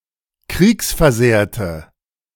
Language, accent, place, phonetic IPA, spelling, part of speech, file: German, Germany, Berlin, [ˈkʁiːksfɛɐ̯ˌzeːɐ̯tə], kriegsversehrte, adjective, De-kriegsversehrte.ogg
- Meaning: inflection of kriegsversehrt: 1. strong/mixed nominative/accusative feminine singular 2. strong nominative/accusative plural 3. weak nominative all-gender singular